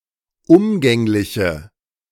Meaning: inflection of umgänglich: 1. strong/mixed nominative/accusative feminine singular 2. strong nominative/accusative plural 3. weak nominative all-gender singular
- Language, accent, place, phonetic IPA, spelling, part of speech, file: German, Germany, Berlin, [ˈʊmɡɛŋlɪçə], umgängliche, adjective, De-umgängliche.ogg